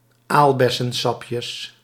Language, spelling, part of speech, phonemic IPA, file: Dutch, aalbessensapjes, noun, /ˈalbɛsə(n)ˌsɑpjəs/, Nl-aalbessensapjes.ogg
- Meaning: plural of aalbessensapje